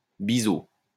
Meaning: 1. bevel 2. bezel
- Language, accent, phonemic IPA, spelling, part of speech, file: French, France, /bi.zo/, biseau, noun, LL-Q150 (fra)-biseau.wav